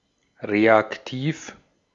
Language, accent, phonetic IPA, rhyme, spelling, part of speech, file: German, Austria, [ˌʁeakˈtiːf], -iːf, reaktiv, adjective, De-at-reaktiv.ogg
- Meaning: reactive